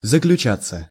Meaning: 1. to conclude (with, in), to end (with) 2. to be concluded, to be signed 3. to consist, to be, to lie 4. passive of заключа́ть (zaključátʹ)
- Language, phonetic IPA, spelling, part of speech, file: Russian, [zəklʲʉˈt͡ɕat͡sːə], заключаться, verb, Ru-заключаться.ogg